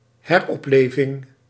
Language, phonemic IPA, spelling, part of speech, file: Dutch, /ɦɛrˈɔpˌleːvɪŋ/, heropleving, noun, Nl-heropleving.ogg
- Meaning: revival, reinvigoration (of a phenomenon)